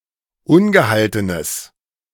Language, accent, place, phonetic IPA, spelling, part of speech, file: German, Germany, Berlin, [ˈʊnɡəˌhaltənəs], ungehaltenes, adjective, De-ungehaltenes.ogg
- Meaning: strong/mixed nominative/accusative neuter singular of ungehalten